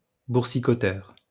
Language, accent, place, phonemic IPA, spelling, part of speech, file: French, France, Lyon, /buʁ.si.kɔ.tœʁ/, boursicoteur, noun, LL-Q150 (fra)-boursicoteur.wav
- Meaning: One who dabbles in the stock market